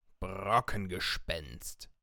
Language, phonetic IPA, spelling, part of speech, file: German, [ˈbʁɔkn̩ɡəˌʃpɛnst], Brockengespenst, noun, De-Brockengespenst.ogg
- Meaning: Brocken spectre